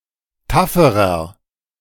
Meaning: inflection of taff: 1. strong/mixed nominative masculine singular comparative degree 2. strong genitive/dative feminine singular comparative degree 3. strong genitive plural comparative degree
- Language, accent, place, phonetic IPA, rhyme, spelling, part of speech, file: German, Germany, Berlin, [ˈtafəʁɐ], -afəʁɐ, tafferer, adjective, De-tafferer.ogg